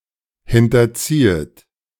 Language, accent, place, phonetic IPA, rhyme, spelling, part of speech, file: German, Germany, Berlin, [ˌhɪntɐˈt͡siːət], -iːət, hinterziehet, verb, De-hinterziehet.ogg
- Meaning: second-person plural subjunctive I of hinterziehen